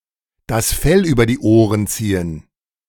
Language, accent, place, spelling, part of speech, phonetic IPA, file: German, Germany, Berlin, das Fell über die Ohren ziehen, verb, [das ˈfɛl yːbɐ diː ˈoːʁən ˈt͡siːən], De-das Fell über die Ohren ziehen.ogg
- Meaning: to pull the wool over someone's eyes